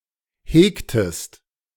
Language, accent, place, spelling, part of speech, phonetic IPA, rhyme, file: German, Germany, Berlin, hegtest, verb, [ˈheːktəst], -eːktəst, De-hegtest.ogg
- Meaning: inflection of hegen: 1. second-person singular preterite 2. second-person singular subjunctive II